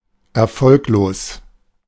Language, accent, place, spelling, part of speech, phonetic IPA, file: German, Germany, Berlin, erfolglos, adjective, [ɛɐ̯ˈfɔlkloːs], De-erfolglos.ogg
- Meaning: unsuccessful